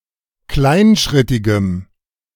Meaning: strong dative masculine/neuter singular of kleinschrittig
- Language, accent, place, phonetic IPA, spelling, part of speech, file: German, Germany, Berlin, [ˈklaɪ̯nˌʃʁɪtɪɡəm], kleinschrittigem, adjective, De-kleinschrittigem.ogg